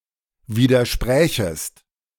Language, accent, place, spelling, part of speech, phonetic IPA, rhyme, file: German, Germany, Berlin, widersprächest, verb, [ˌviːdɐˈʃpʁɛːçəst], -ɛːçəst, De-widersprächest.ogg
- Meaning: second-person singular subjunctive II of widersprechen